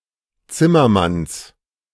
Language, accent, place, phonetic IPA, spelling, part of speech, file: German, Germany, Berlin, [ˈt͡sɪmɐˌmans], Zimmermanns, noun, De-Zimmermanns.ogg
- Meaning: genitive singular of Zimmermann